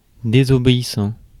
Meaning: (verb) present participle of désobéir; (adjective) disobedient
- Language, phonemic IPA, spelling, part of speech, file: French, /de.zɔ.be.i.sɑ̃/, désobéissant, verb / adjective, Fr-désobéissant.ogg